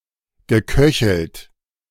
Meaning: past participle of köcheln
- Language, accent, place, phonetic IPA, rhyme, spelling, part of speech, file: German, Germany, Berlin, [ɡəˈkœçl̩t], -œçl̩t, geköchelt, verb, De-geköchelt.ogg